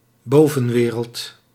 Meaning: 1. the community of law-abiding people, the overworld 2. Heaven, an afterlife or domain above the everyday world
- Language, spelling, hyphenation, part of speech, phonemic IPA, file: Dutch, bovenwereld, bo‧ven‧we‧reld, noun, /ˈboː.və(n)ˌʋeː.rəlt/, Nl-bovenwereld.ogg